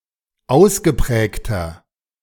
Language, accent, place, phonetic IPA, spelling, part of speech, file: German, Germany, Berlin, [ˈaʊ̯sɡəˌpʁɛːktɐ], ausgeprägter, adjective, De-ausgeprägter.ogg
- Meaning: inflection of ausgeprägt: 1. strong/mixed nominative masculine singular 2. strong genitive/dative feminine singular 3. strong genitive plural